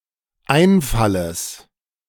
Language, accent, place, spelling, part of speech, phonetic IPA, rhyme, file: German, Germany, Berlin, Einfalles, noun, [ˈaɪ̯nˌfaləs], -aɪ̯nfaləs, De-Einfalles.ogg
- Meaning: genitive singular of Einfall